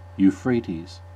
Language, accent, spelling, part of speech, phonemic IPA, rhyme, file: English, US, Euphrates, proper noun, /juːˈfɹeɪtiːz/, -eɪtiz, En-us-Euphrates.ogg